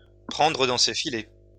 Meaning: to seduce
- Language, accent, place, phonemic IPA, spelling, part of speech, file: French, France, Lyon, /pʁɑ̃.dʁə dɑ̃ se fi.lɛ/, prendre dans ses filets, verb, LL-Q150 (fra)-prendre dans ses filets.wav